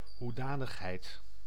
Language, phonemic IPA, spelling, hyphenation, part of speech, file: Dutch, /ɦuˈdaː.nəx.ɦɛi̯t/, hoedanigheid, hoe‧da‧nig‧heid, noun, Nl-hoedanigheid.ogg
- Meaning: quality, form, appearance